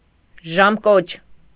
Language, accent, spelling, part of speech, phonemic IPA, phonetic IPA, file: Armenian, Eastern Armenian, ժամկոչ, noun, /ʒɑmˈkot͡ʃʰ/, [ʒɑmkót͡ʃʰ], Hy-ժամկոչ.ogg
- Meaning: beadle; sexton; bell ringer